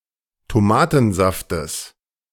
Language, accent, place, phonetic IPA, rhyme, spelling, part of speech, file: German, Germany, Berlin, [toˈmaːtn̩ˌzaftəs], -aːtn̩zaftəs, Tomatensaftes, noun, De-Tomatensaftes.ogg
- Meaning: genitive singular of Tomatensaft